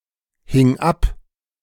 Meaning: first/third-person singular preterite of abhängen
- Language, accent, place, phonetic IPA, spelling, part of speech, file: German, Germany, Berlin, [ˌhɪŋ ˈap], hing ab, verb, De-hing ab.ogg